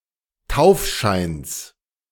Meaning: genitive singular of Taufschein
- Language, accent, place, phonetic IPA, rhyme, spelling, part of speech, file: German, Germany, Berlin, [ˈtaʊ̯fˌʃaɪ̯ns], -aʊ̯fʃaɪ̯ns, Taufscheins, noun, De-Taufscheins.ogg